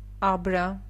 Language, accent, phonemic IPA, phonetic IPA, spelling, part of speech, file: Armenian, Eastern Armenian, /ɑbˈɾɑ/, [ɑbɾɑ́], աբրա, noun, Hy-աբրա.ogg
- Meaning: 1. tare, tare weight 2. counterweight with which to measure tare weight (e.g., stones, weights, scales)